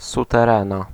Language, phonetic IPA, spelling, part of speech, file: Polish, [ˌsutɛˈrɛ̃na], suterena, noun, Pl-suterena.ogg